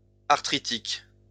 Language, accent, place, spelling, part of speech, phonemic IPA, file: French, France, Lyon, arthritique, adjective, /aʁ.tʁi.tik/, LL-Q150 (fra)-arthritique.wav
- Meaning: arthritic